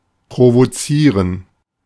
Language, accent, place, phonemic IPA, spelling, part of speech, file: German, Germany, Berlin, /pʁovoˈtsiːʁən/, provozieren, verb, De-provozieren.ogg
- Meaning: to provoke